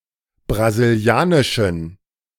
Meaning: inflection of brasilianisch: 1. strong genitive masculine/neuter singular 2. weak/mixed genitive/dative all-gender singular 3. strong/weak/mixed accusative masculine singular 4. strong dative plural
- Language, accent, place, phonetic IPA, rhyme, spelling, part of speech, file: German, Germany, Berlin, [bʁaziˈli̯aːnɪʃn̩], -aːnɪʃn̩, brasilianischen, adjective, De-brasilianischen.ogg